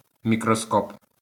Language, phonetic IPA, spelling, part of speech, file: Ukrainian, [mʲikrɔˈskɔp], мікроскоп, noun, LL-Q8798 (ukr)-мікроскоп.wav
- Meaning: microscope